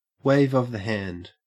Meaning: A simple gesture, as used for greeting, command, dismissal, or summoning something as if by magic
- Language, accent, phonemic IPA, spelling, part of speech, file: English, Australia, /weɪv ʌv ðə hænd/, wave of the hand, noun, En-au-wave of the hand.ogg